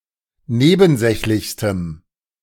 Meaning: strong dative masculine/neuter singular superlative degree of nebensächlich
- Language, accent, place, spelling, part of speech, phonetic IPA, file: German, Germany, Berlin, nebensächlichstem, adjective, [ˈneːbn̩ˌzɛçlɪçstəm], De-nebensächlichstem.ogg